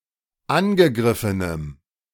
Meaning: strong dative masculine/neuter singular of angegriffen
- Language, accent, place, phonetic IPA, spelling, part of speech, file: German, Germany, Berlin, [ˈanɡəˌɡʁɪfənəm], angegriffenem, adjective, De-angegriffenem.ogg